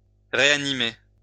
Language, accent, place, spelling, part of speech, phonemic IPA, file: French, France, Lyon, réanimer, verb, /ʁe.a.ni.me/, LL-Q150 (fra)-réanimer.wav
- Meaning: 1. to resuscitate 2. to reanimate, to revive, to bring back to life